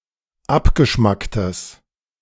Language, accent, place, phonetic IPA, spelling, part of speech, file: German, Germany, Berlin, [ˈapɡəˌʃmaktəs], abgeschmacktes, adjective, De-abgeschmacktes.ogg
- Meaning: strong/mixed nominative/accusative neuter singular of abgeschmackt